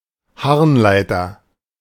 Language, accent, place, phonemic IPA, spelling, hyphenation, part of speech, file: German, Germany, Berlin, /ˈhaʁnˌlaɪ̯tɐ/, Harnleiter, Harn‧lei‧ter, noun, De-Harnleiter.ogg
- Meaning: ureter